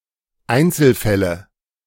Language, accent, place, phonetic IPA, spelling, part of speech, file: German, Germany, Berlin, [ˈaɪ̯nt͡sl̩ˌfɛlə], Einzelfälle, noun, De-Einzelfälle.ogg
- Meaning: nominative/accusative/genitive plural of Einzelfall